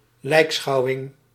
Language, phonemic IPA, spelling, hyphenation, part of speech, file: Dutch, /ˈlɛi̯kˌsxɑu̯ɪŋ/, lijkschouwing, lijk‧schou‧wing, noun, Nl-lijkschouwing.ogg
- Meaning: autopsy, postmortem